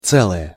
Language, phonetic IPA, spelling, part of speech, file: Russian, [ˈt͡sɛɫəjə], целое, adjective / noun, Ru-целое.ogg
- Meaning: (adjective) neuter singular of це́лый (célyj, “whole, complete”); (noun) 1. the whole 2. integer (whole number)